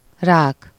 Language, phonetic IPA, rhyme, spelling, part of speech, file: Hungarian, [ˈraːk], -aːk, rák, noun, Hu-rák.ogg
- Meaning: 1. crab, lobster 2. cancer (a disease in which the cells of a tissue undergo uncontrolled and often rapid proliferation)